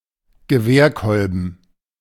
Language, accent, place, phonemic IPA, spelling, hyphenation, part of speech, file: German, Germany, Berlin, /ɡəˈveːɐ̯ˌkɔlbn̩/, Gewehrkolben, Ge‧wehr‧kol‧ben, noun, De-Gewehrkolben.ogg
- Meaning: butt of a rifle